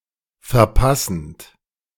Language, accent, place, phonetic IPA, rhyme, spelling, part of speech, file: German, Germany, Berlin, [fɛɐ̯ˈpasn̩t], -asn̩t, verpassend, verb, De-verpassend.ogg
- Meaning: present participle of verpassen